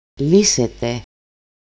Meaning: second-person plural dependent active of λύνω (lýno)
- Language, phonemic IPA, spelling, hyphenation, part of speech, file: Greek, /ˈli.se.te/, λύσετε, λύ‧σε‧τε, verb, El-λύσετε.ogg